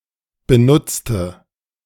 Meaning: inflection of benutzt: 1. strong/mixed nominative/accusative feminine singular 2. strong nominative/accusative plural 3. weak nominative all-gender singular 4. weak accusative feminine/neuter singular
- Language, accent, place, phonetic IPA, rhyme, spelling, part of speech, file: German, Germany, Berlin, [bəˈnʊt͡stə], -ʊt͡stə, benutzte, adjective / verb, De-benutzte.ogg